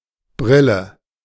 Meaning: 1. glasses, spectacles (frames bearing two lenses worn in front of the eyes to correct vision) 2. goggles (protective eyewear set in a flexible frame to fit snugly against the face)
- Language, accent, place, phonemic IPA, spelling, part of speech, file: German, Germany, Berlin, /ˈbʁɪlə/, Brille, noun, De-Brille.ogg